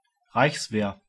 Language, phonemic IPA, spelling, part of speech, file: German, /ˈʁaɪ̯çsveːɐ̯/, Reichswehr, proper noun, De-Reichswehr.ogg
- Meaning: the German army between 1918 and 1935